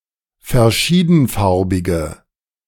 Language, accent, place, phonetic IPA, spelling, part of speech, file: German, Germany, Berlin, [fɛɐ̯ˈʃiːdn̩ˌfaʁbɪɡə], verschiedenfarbige, adjective, De-verschiedenfarbige.ogg
- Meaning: inflection of verschiedenfarbig: 1. strong/mixed nominative/accusative feminine singular 2. strong nominative/accusative plural 3. weak nominative all-gender singular